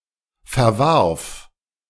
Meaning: first/third-person singular preterite of verwerfen
- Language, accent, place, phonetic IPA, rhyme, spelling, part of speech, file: German, Germany, Berlin, [fɛɐ̯ˈvaʁf], -aʁf, verwarf, verb, De-verwarf.ogg